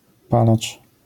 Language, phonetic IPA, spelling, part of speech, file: Polish, [ˈpalat͡ʃ], palacz, noun, LL-Q809 (pol)-palacz.wav